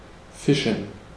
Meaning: to fish
- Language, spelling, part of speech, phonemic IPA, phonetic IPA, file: German, fischen, verb, /ˈfɪʃən/, [ˈfɪʃn̩], De-fischen.ogg